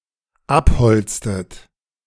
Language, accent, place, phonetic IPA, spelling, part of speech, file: German, Germany, Berlin, [ˈapˌhɔlt͡stət], abholztet, verb, De-abholztet.ogg
- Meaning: inflection of abholzen: 1. second-person plural dependent preterite 2. second-person plural dependent subjunctive II